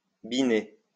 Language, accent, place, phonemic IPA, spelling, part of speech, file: French, France, Lyon, /bi.ne/, biner, verb, LL-Q150 (fra)-biner.wav
- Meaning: 1. to hoe 2. to binate, celebrate mass twice in one day